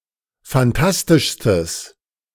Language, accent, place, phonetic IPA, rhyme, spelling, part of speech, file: German, Germany, Berlin, [fanˈtastɪʃstəs], -astɪʃstəs, phantastischstes, adjective, De-phantastischstes.ogg
- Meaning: strong/mixed nominative/accusative neuter singular superlative degree of phantastisch